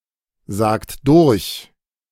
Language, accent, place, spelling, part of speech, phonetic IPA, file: German, Germany, Berlin, sagt durch, verb, [ˌzaːkt ˈdʊʁç], De-sagt durch.ogg
- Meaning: inflection of durchsagen: 1. second-person plural present 2. third-person singular present 3. plural imperative